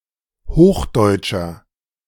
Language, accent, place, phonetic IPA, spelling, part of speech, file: German, Germany, Berlin, [ˈhoːxˌdɔɪ̯t͡ʃɐ], hochdeutscher, adjective, De-hochdeutscher.ogg
- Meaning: inflection of hochdeutsch: 1. strong/mixed nominative masculine singular 2. strong genitive/dative feminine singular 3. strong genitive plural